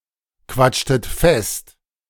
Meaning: inflection of festquatschen: 1. second-person plural preterite 2. second-person plural subjunctive II
- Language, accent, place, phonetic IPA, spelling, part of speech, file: German, Germany, Berlin, [ˌkvat͡ʃtət ˈfɛst], quatschtet fest, verb, De-quatschtet fest.ogg